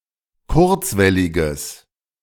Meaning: strong/mixed nominative/accusative neuter singular of kurzwellig
- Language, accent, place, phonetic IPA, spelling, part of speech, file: German, Germany, Berlin, [ˈkʊʁt͡svɛlɪɡəs], kurzwelliges, adjective, De-kurzwelliges.ogg